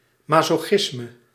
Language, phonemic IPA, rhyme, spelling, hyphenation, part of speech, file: Dutch, /ˌmɑ.soːˈxɪs.mə/, -ɪsmə, masochisme, ma‧so‧chis‧me, noun, Nl-masochisme.ogg
- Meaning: masochism